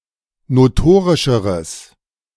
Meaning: strong/mixed nominative/accusative neuter singular comparative degree of notorisch
- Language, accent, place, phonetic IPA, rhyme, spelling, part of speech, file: German, Germany, Berlin, [noˈtoːʁɪʃəʁəs], -oːʁɪʃəʁəs, notorischeres, adjective, De-notorischeres.ogg